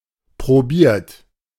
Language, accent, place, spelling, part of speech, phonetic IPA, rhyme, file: German, Germany, Berlin, probiert, verb, [pʁoˈbiːɐ̯t], -iːɐ̯t, De-probiert.ogg
- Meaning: 1. past participle of probieren 2. inflection of probieren: third-person singular present 3. inflection of probieren: second-person plural present 4. inflection of probieren: plural imperative